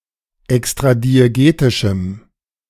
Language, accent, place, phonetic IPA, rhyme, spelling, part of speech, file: German, Germany, Berlin, [ɛkstʁadieˈɡeːtɪʃm̩], -eːtɪʃm̩, extradiegetischem, adjective, De-extradiegetischem.ogg
- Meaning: strong dative masculine/neuter singular of extradiegetisch